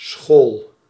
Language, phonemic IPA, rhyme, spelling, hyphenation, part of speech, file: Dutch, /sxoːl/, -oːl, school, school, noun / verb, Nl-school.ogg
- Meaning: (noun) a school, educational institution that provides education, whether combined with research or not